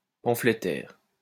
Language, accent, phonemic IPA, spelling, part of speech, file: French, France, /pɑ̃.fle.tɛʁ/, pamphlétaire, noun, LL-Q150 (fra)-pamphlétaire.wav
- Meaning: 1. pamphleteer 2. lampooner